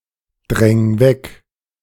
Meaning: 1. singular imperative of wegdrängen 2. first-person singular present of wegdrängen
- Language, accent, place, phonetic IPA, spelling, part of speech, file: German, Germany, Berlin, [ˌdʁɛŋ ˈvɛk], dräng weg, verb, De-dräng weg.ogg